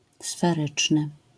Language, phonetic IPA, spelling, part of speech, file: Polish, [sfɛˈrɨt͡ʃnɨ], sferyczny, adjective, LL-Q809 (pol)-sferyczny.wav